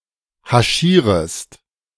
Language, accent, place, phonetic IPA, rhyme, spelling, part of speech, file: German, Germany, Berlin, [haˈʃiːʁəst], -iːʁəst, haschierest, verb, De-haschierest.ogg
- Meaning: second-person singular subjunctive I of haschieren